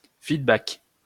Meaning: feedback (generic)
- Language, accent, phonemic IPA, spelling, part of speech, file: French, France, /fid.bak/, feedback, noun, LL-Q150 (fra)-feedback.wav